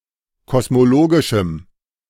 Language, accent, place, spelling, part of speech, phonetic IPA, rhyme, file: German, Germany, Berlin, kosmologischem, adjective, [kɔsmoˈloːɡɪʃm̩], -oːɡɪʃm̩, De-kosmologischem.ogg
- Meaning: strong dative masculine/neuter singular of kosmologisch